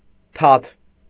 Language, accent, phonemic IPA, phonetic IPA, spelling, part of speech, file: Armenian, Eastern Armenian, /tʰɑtʰ/, [tʰɑtʰ], թաթ, noun, Hy-թաթ.ogg
- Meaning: 1. paw 2. hand; foot 3. scale (either of the pans, trays, or dishes of a balance or scales)